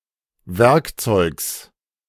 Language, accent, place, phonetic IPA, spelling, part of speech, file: German, Germany, Berlin, [ˈvɛʁkˌt͡sɔɪ̯ks], Werkzeugs, noun, De-Werkzeugs.ogg
- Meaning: genitive singular of Werkzeug